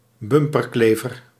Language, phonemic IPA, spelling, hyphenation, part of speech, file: Dutch, /ˈbʏm.pərˌkleː.vər/, bumperklever, bum‧per‧kle‧ver, noun, Nl-bumperklever.ogg
- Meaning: tailgater (person who drives dangerously close)